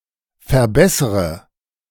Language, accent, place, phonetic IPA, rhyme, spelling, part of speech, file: German, Germany, Berlin, [fɛɐ̯ˈbɛsʁə], -ɛsʁə, verbessre, verb, De-verbessre.ogg
- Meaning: inflection of verbessern: 1. first-person singular present 2. first/third-person singular subjunctive I 3. singular imperative